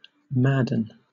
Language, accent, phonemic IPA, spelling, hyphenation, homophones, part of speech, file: English, Southern England, /ˈmæd.(ə̯)n̩/, madden, mad‧den, Madden, verb, LL-Q1860 (eng)-madden.wav
- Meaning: 1. To make angry 2. To make insane; to inflame with passion 3. To become furious